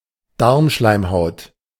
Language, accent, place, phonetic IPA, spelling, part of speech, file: German, Germany, Berlin, [ˈdaʁmˌʃlaɪ̯mhaʊ̯t], Darmschleimhaut, noun, De-Darmschleimhaut.ogg
- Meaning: intestinal mucosa